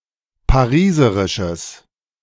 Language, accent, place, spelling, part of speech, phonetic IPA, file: German, Germany, Berlin, pariserisches, adjective, [paˈʁiːzəʁɪʃəs], De-pariserisches.ogg
- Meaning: strong/mixed nominative/accusative neuter singular of pariserisch